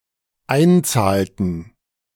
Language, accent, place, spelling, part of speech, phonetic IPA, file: German, Germany, Berlin, einzahlten, verb, [ˈaɪ̯nˌt͡saːltn̩], De-einzahlten.ogg
- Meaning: inflection of einzahlen: 1. first/third-person plural dependent preterite 2. first/third-person plural dependent subjunctive II